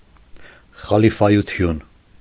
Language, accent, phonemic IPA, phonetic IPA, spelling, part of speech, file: Armenian, Eastern Armenian, /χɑlifɑjuˈtʰjun/, [χɑlifɑjut͡sʰjún], խալիֆայություն, noun, Hy-խալիֆայություն.ogg
- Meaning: caliphate